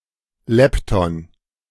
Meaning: lepton
- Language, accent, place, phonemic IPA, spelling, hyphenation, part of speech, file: German, Germany, Berlin, /ˈlɛptɔn/, Lepton, Lep‧ton, noun, De-Lepton.ogg